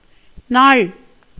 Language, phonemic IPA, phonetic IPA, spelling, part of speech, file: Tamil, /nɑːɭ/, [näːɭ], நாள், noun, Ta-நாள்.ogg
- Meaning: 1. day 2. time in general